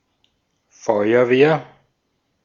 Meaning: 1. fire brigade 2. fire department
- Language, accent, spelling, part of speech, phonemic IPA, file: German, Austria, Feuerwehr, noun, /ˈfɔɪ̯ɐˌveːɐ̯/, De-at-Feuerwehr.ogg